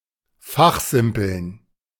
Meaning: to talk about technical, professional or intellectual matters, often lengthily in a way that is fun for the participants but tedious for outsiders
- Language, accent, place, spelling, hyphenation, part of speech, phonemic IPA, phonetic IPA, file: German, Germany, Berlin, fachsimpeln, fach‧sim‧peln, verb, /ˈfaxˌzɪmpəln/, [ˈfaχˌzɪm.pl̩n], De-fachsimpeln.ogg